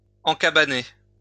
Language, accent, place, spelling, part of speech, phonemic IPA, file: French, France, Lyon, encabaner, verb, /ɑ̃.ka.ba.ne/, LL-Q150 (fra)-encabaner.wav
- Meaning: to put silkworms into trellises in wood or iron used to fence for parks containing cattle, for properties, for shelter for plants, and for support for the storage and drying of fruit